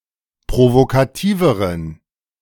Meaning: inflection of provokativ: 1. strong genitive masculine/neuter singular comparative degree 2. weak/mixed genitive/dative all-gender singular comparative degree
- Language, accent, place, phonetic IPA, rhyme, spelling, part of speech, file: German, Germany, Berlin, [pʁovokaˈtiːvəʁən], -iːvəʁən, provokativeren, adjective, De-provokativeren.ogg